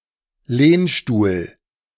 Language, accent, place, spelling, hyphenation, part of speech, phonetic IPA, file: German, Germany, Berlin, Lehnstuhl, Lehn‧stuhl, noun, [ˈleːnˌʃtuːl], De-Lehnstuhl.ogg
- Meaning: armchair, easy chair